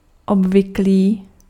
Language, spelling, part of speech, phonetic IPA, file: Czech, obvyklý, adjective, [ˈobvɪkliː], Cs-obvyklý.ogg
- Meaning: usual